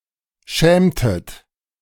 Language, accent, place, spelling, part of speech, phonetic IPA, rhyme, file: German, Germany, Berlin, schämtet, verb, [ˈʃɛːmtət], -ɛːmtət, De-schämtet.ogg
- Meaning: inflection of schämen: 1. second-person plural preterite 2. second-person plural subjunctive II